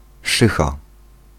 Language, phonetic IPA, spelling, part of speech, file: Polish, [ˈʃɨxa], szycha, noun, Pl-szycha.ogg